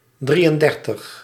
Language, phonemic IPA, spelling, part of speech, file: Dutch, /ˈdri.ənˌdɛr.təx/, drieëndertig, numeral, Nl-drieëndertig.ogg
- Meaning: thirty-three